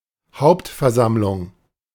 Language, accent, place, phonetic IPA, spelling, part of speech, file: German, Germany, Berlin, [ˈhaʊ̯ptfɛɐ̯ˌzamlʊŋ], Hauptversammlung, noun, De-Hauptversammlung.ogg
- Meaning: annual general meeting